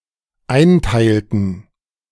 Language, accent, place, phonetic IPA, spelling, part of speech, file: German, Germany, Berlin, [ˈaɪ̯nˌtaɪ̯ltn̩], einteilten, verb, De-einteilten.ogg
- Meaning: inflection of einteilen: 1. first/third-person plural dependent preterite 2. first/third-person plural dependent subjunctive II